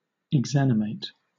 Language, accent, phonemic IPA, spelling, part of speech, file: English, Southern England, /ɪɡˈzænɪmeɪt/, exanimate, verb, LL-Q1860 (eng)-exanimate.wav
- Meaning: To deprive of animation or of life